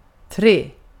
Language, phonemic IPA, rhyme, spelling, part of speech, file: Swedish, /treː/, -eː, tre, numeral, Sv-tre.ogg
- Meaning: three